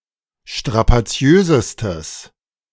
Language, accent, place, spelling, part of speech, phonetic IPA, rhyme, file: German, Germany, Berlin, strapaziösestes, adjective, [ʃtʁapaˈt͡si̯øːzəstəs], -øːzəstəs, De-strapaziösestes.ogg
- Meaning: strong/mixed nominative/accusative neuter singular superlative degree of strapaziös